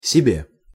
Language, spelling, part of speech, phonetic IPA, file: Russian, себе, pronoun / particle, [sʲɪˈbʲe], Ru-себе.ogg
- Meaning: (pronoun) dative/prepositional of себя́ (sebjá); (particle) keep on